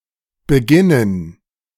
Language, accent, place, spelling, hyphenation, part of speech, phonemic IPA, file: German, Germany, Berlin, beginnen, be‧gin‧nen, verb, /bəˈɡɪnən/, De-beginnen2.ogg
- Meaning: 1. to begin; to commence; to be started 2. to start, to begin